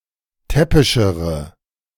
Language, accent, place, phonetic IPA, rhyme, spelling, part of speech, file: German, Germany, Berlin, [ˈtɛpɪʃəʁə], -ɛpɪʃəʁə, täppischere, adjective, De-täppischere.ogg
- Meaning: inflection of täppisch: 1. strong/mixed nominative/accusative feminine singular comparative degree 2. strong nominative/accusative plural comparative degree